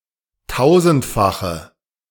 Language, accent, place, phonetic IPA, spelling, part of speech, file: German, Germany, Berlin, [ˈtaʊ̯zn̩tfaxə], tausendfache, adjective, De-tausendfache.ogg
- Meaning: inflection of tausendfach: 1. strong/mixed nominative/accusative feminine singular 2. strong nominative/accusative plural 3. weak nominative all-gender singular